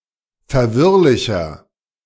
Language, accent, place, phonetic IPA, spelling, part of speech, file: German, Germany, Berlin, [fɛɐ̯ˈvɪʁlɪçɐ], verwirrlicher, adjective, De-verwirrlicher.ogg
- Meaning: 1. comparative degree of verwirrlich 2. inflection of verwirrlich: strong/mixed nominative masculine singular 3. inflection of verwirrlich: strong genitive/dative feminine singular